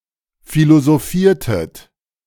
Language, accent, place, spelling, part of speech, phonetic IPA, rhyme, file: German, Germany, Berlin, philosophiertet, verb, [ˌfilozoˈfiːɐ̯tət], -iːɐ̯tət, De-philosophiertet.ogg
- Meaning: inflection of philosophieren: 1. second-person plural preterite 2. second-person plural subjunctive II